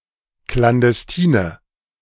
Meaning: inflection of klandestin: 1. strong/mixed nominative/accusative feminine singular 2. strong nominative/accusative plural 3. weak nominative all-gender singular
- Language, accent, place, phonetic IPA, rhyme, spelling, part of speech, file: German, Germany, Berlin, [klandɛsˈtiːnə], -iːnə, klandestine, adjective, De-klandestine.ogg